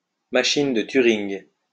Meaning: Turing machine
- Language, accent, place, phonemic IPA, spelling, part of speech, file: French, France, Lyon, /ma.ʃin də ty.ʁiŋ/, machine de Turing, noun, LL-Q150 (fra)-machine de Turing.wav